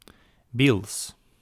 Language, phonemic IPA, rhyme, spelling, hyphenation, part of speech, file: Dutch, /bils/, -ils, biels, biels, noun, Nl-biels.ogg
- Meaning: 1. railroad tie, railway sleeper 2. plural of biel